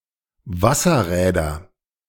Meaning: nominative/accusative/genitive plural of Wasserrad
- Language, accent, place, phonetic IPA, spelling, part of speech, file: German, Germany, Berlin, [ˈvasɐˌʁɛːdɐ], Wasserräder, noun, De-Wasserräder.ogg